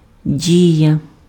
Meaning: 1. action, act, acting 2. deed, act 3. effect 4. act (drama)
- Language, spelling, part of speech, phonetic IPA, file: Ukrainian, дія, noun, [ˈdʲijɐ], Uk-дія.ogg